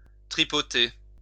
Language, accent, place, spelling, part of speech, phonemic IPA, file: French, France, Lyon, tripoter, verb, /tʁi.pɔ.te/, LL-Q150 (fra)-tripoter.wav
- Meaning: 1. to fiddle with 2. to feel up